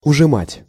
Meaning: 1. to compress, to squeeze smaller 2. to reduce the size of (e.g. a dress) 3. to reduce (a budget, a salary, etc.)
- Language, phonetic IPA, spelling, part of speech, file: Russian, [ʊʐɨˈmatʲ], ужимать, verb, Ru-ужимать.ogg